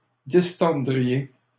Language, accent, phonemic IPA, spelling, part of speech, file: French, Canada, /dis.tɔʁ.dʁi.je/, distordriez, verb, LL-Q150 (fra)-distordriez.wav
- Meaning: second-person plural conditional of distordre